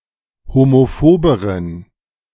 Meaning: inflection of homophob: 1. strong genitive masculine/neuter singular comparative degree 2. weak/mixed genitive/dative all-gender singular comparative degree
- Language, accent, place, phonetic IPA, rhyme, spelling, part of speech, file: German, Germany, Berlin, [homoˈfoːbəʁən], -oːbəʁən, homophoberen, adjective, De-homophoberen.ogg